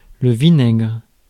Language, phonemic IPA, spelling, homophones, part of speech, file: French, /vi.nɛɡʁ/, vinaigre, vinaigrent / vinaigres, noun / verb, Fr-vinaigre.ogg
- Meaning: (noun) vinegar; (verb) inflection of vinaigrer: 1. first/third-person singular present indicative/subjunctive 2. second-person singular imperative